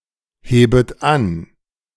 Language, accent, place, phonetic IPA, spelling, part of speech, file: German, Germany, Berlin, [ˌheːbət ˈan], hebet an, verb, De-hebet an.ogg
- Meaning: second-person plural subjunctive I of anheben